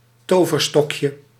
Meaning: diminutive of toverstok
- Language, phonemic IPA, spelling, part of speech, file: Dutch, /ˈtovərˌstɔkjə/, toverstokje, noun, Nl-toverstokje.ogg